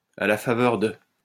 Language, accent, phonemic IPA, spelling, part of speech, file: French, France, /a la fa.vœʁ də/, à la faveur de, preposition, LL-Q150 (fra)-à la faveur de.wav
- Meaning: 1. thanks to, by means of 2. on the occasion of